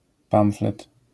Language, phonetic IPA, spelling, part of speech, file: Polish, [ˈpãw̃flɛt], pamflet, noun, LL-Q809 (pol)-pamflet.wav